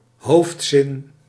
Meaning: main clause
- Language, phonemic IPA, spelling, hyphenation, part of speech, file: Dutch, /ˈɦoːf(t)sɪn/, hoofdzin, hoofd‧zin, noun, Nl-hoofdzin.ogg